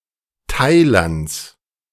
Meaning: genitive of Thailand
- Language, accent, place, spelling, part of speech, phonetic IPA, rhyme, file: German, Germany, Berlin, Thailands, noun, [ˈtaɪ̯lant͡s], -aɪ̯lant͡s, De-Thailands.ogg